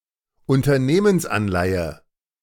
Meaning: corporate bond
- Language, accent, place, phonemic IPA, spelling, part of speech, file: German, Germany, Berlin, /ˌʊntɐˈneːmənsˌanlaɪ̯ə/, Unternehmensanleihe, noun, De-Unternehmensanleihe.ogg